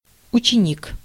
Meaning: 1. school student, schoolboy, pupil 2. apprentice, learner 3. disciple, follower
- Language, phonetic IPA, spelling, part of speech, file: Russian, [ʊt͡ɕɪˈnʲik], ученик, noun, Ru-ученик.ogg